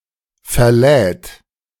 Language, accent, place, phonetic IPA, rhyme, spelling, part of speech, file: German, Germany, Berlin, [fɛɐ̯ˈlɛːt], -ɛːt, verlädt, verb, De-verlädt.ogg
- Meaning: third-person singular present of verladen